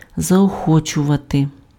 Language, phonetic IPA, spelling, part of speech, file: Ukrainian, [zɐɔˈxɔt͡ʃʊʋɐte], заохочувати, verb, Uk-заохочувати.ogg
- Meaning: to encourage, to spur on, to stimulate